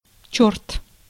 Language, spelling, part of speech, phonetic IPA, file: Russian, чёрт, noun / interjection, [t͡ɕɵrt], Ru-чёрт.ogg
- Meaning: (noun) 1. devil, demon 2. Used as an intensifier in phrases grammatically requiring a noun; hell; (interjection) damn!, hell!